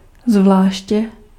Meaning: alternative form of zvlášť
- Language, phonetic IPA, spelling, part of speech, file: Czech, [ˈzvlaːʃcɛ], zvláště, adverb, Cs-zvláště.ogg